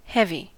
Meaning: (adjective) 1. Having great weight 2. Having great weight.: Heavyset: overweight 3. Serious, somber 4. Not easy to bear; burdensome; oppressive 5. Good 6. Profound 7. High, great 8. Armed
- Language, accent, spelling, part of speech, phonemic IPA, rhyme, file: English, US, heavy, adjective / adverb / noun / verb, /ˈhɛv.i/, -ɛvi, En-us-heavy.ogg